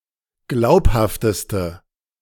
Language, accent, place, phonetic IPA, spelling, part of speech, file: German, Germany, Berlin, [ˈɡlaʊ̯phaftəstə], glaubhafteste, adjective, De-glaubhafteste.ogg
- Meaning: inflection of glaubhaft: 1. strong/mixed nominative/accusative feminine singular superlative degree 2. strong nominative/accusative plural superlative degree